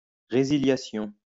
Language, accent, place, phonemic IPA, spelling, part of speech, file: French, France, Lyon, /ʁe.zi.lja.sjɔ̃/, résiliation, noun, LL-Q150 (fra)-résiliation.wav
- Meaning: termination, cancellation